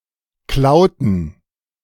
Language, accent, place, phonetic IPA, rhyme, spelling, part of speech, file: German, Germany, Berlin, [ˈklaʊ̯tn̩], -aʊ̯tn̩, klauten, verb, De-klauten.ogg
- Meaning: inflection of klauen: 1. first/third-person plural preterite 2. first/third-person plural subjunctive II